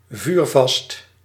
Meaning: 1. fireproof 2. with fairly great heat tolerance; fit for use in cooking, refractory, ovenproof
- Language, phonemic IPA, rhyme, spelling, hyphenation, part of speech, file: Dutch, /vyːrˈvɑst/, -ɑst, vuurvast, vuur‧vast, adjective, Nl-vuurvast.ogg